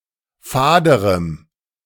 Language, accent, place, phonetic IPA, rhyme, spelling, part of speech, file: German, Germany, Berlin, [ˈfaːdəʁəm], -aːdəʁəm, faderem, adjective, De-faderem.ogg
- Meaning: strong dative masculine/neuter singular comparative degree of fad